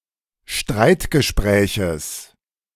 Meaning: genitive singular of Streitgespräch
- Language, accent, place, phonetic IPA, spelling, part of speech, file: German, Germany, Berlin, [ˈʃtʁaɪ̯tɡəˌʃpʁɛːçəs], Streitgespräches, noun, De-Streitgespräches.ogg